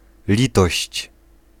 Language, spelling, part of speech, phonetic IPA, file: Polish, litość, noun, [ˈlʲitɔɕt͡ɕ], Pl-litość.ogg